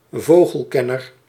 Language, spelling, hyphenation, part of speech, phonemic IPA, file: Dutch, vogelkenner, vo‧gel‧ken‧ner, noun, /ˈvoː.ɣəlˌkɛ.nər/, Nl-vogelkenner.ogg
- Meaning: a bird expert, e.g. a knowledgeable bird enthusiast